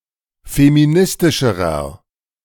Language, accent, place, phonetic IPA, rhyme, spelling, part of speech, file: German, Germany, Berlin, [femiˈnɪstɪʃəʁɐ], -ɪstɪʃəʁɐ, feministischerer, adjective, De-feministischerer.ogg
- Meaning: inflection of feministisch: 1. strong/mixed nominative masculine singular comparative degree 2. strong genitive/dative feminine singular comparative degree 3. strong genitive plural comparative degree